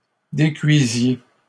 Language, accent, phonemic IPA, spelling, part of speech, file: French, Canada, /de.kɥi.zje/, décuisiez, verb, LL-Q150 (fra)-décuisiez.wav
- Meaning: inflection of décuire: 1. second-person plural imperfect indicative 2. second-person plural present subjunctive